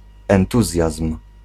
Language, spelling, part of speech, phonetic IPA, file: Polish, entuzjazm, noun, [ɛ̃nˈtuzʲjasm̥], Pl-entuzjazm.ogg